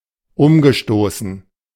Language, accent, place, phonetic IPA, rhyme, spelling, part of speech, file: German, Germany, Berlin, [ˈʊmɡəˌʃtoːsn̩], -ʊmɡəʃtoːsn̩, umgestoßen, verb, De-umgestoßen.ogg
- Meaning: past participle of umstoßen